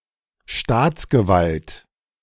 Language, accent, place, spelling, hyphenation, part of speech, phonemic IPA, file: German, Germany, Berlin, Staatsgewalt, Staats‧ge‧walt, noun, /ˈʃtaːt͡sɡəˌvalt/, De-Staatsgewalt.ogg
- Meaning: state authority